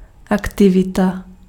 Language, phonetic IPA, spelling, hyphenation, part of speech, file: Czech, [ˈaktɪvɪta], aktivita, ak‧ti‧vi‧ta, noun, Cs-aktivita.ogg
- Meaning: activity